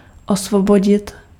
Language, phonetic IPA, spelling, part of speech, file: Czech, [ˈosvoboɟɪt], osvobodit, verb, Cs-osvobodit.ogg
- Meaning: to free, to liberate